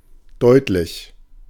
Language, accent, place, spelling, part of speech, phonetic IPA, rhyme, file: German, Germany, Berlin, deutlich, adjective, [ˈdɔɪ̯tlɪç], -ɔɪ̯tlɪç, De-deutlich.ogg
- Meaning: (adjective) 1. articulate, clear 2. distinct 3. considerable; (adverb) distinctly, clearly